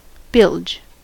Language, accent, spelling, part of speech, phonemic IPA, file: English, US, bilge, noun / verb, /bɪld͡ʒ/, En-us-bilge.ogg
- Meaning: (noun) 1. The rounded portion of a ship's hull, forming a transition between the bottom and the sides 2. The lowest inner part of a ship's hull, where water accumulates